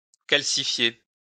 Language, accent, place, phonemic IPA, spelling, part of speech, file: French, France, Lyon, /kal.si.fje/, calcifier, verb, LL-Q150 (fra)-calcifier.wav
- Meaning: to calcify